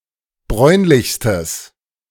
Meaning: strong/mixed nominative/accusative neuter singular superlative degree of bräunlich
- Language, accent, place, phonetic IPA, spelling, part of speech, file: German, Germany, Berlin, [ˈbʁɔɪ̯nlɪçstəs], bräunlichstes, adjective, De-bräunlichstes.ogg